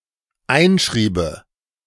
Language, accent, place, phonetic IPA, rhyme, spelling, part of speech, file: German, Germany, Berlin, [ˈaɪ̯nˌʃʁiːbə], -aɪ̯nʃʁiːbə, einschriebe, verb, De-einschriebe.ogg
- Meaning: first/third-person singular dependent subjunctive II of einschreiben